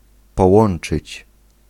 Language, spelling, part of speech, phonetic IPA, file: Polish, połączyć, verb, [pɔˈwɔ̃n͇t͡ʃɨt͡ɕ], Pl-połączyć.ogg